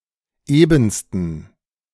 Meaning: 1. superlative degree of eben 2. inflection of eben: strong genitive masculine/neuter singular superlative degree
- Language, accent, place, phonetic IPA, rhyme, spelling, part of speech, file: German, Germany, Berlin, [ˈeːbn̩stən], -eːbn̩stən, ebensten, adjective, De-ebensten.ogg